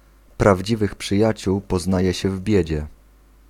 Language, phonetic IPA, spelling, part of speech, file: Polish, [pravʲˈd͡ʑivɨx pʃɨˈjät͡ɕuw pɔˈznajɛ‿ɕɛ ˈv‿bʲjɛ̇d͡ʑɛ], prawdziwych przyjaciół poznaje się w biedzie, proverb, Pl-prawdziwych przyjaciół poznaje się w biedzie.ogg